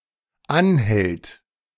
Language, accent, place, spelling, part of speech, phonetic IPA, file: German, Germany, Berlin, anhält, verb, [ˈanˌhɛlt], De-anhält.ogg
- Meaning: third-person singular dependent present of anhalten